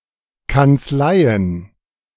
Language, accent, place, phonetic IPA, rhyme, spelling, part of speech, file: German, Germany, Berlin, [kant͡sˈlaɪ̯ən], -aɪ̯ən, Kanzleien, noun, De-Kanzleien.ogg
- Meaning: plural of Kanzlei